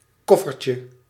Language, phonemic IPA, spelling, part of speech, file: Dutch, /ˈkɔfərcə/, koffertje, noun, Nl-koffertje.ogg
- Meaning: diminutive of koffer